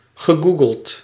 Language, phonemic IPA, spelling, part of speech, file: Dutch, /ɣə.ˈɡu.ɡəlt/, gegoogeld, verb, Nl-gegoogeld.ogg
- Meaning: past participle of googelen